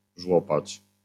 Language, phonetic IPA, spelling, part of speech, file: Polish, [ˈʒwɔpat͡ɕ], żłopać, verb, LL-Q809 (pol)-żłopać.wav